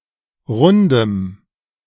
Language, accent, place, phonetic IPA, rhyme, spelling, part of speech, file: German, Germany, Berlin, [ˈʁʊndəm], -ʊndəm, rundem, adjective, De-rundem.ogg
- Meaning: strong dative masculine/neuter singular of rund